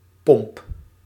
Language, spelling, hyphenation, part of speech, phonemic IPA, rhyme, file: Dutch, pomp, pomp, noun, /pɔmp/, -ɔmp, Nl-pomp.ogg
- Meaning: 1. pump (device for moving liquid or gas) 2. clipping of pompstation (“petrol station, gas station”)